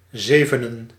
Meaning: dative singular of zeven
- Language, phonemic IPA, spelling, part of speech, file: Dutch, /ˈzevənə(n)/, zevenen, noun, Nl-zevenen.ogg